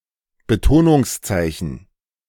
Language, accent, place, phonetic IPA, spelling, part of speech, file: German, Germany, Berlin, [bəˈtoːnʊŋsˌtsaɪ̯çn̩], Betonungszeichen, noun, De-Betonungszeichen.ogg
- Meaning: accent, stress mark